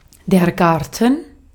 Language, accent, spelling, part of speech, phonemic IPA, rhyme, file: German, Austria, Garten, noun, /ˈɡaʁ.tən/, -aʁtən, De-at-Garten.ogg
- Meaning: 1. garden, yard (grounds at the front or back of a house) 2. garden (outdoor area containing one or more types of plants, usually plants grown for food or ornamental purposes)